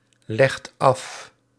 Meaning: inflection of afleggen: 1. second/third-person singular present indicative 2. plural imperative
- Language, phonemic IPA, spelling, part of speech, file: Dutch, /ˈlɛxt ˈɑf/, legt af, verb, Nl-legt af.ogg